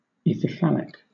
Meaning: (adjective) Of or pertaining to the erect phallus that was carried in bacchic processions
- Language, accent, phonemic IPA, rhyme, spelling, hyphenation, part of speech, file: English, Southern England, /ˌɪθɪˈfælɪk/, -ælɪk, ithyphallic, ithy‧phall‧ic, adjective / noun, LL-Q1860 (eng)-ithyphallic.wav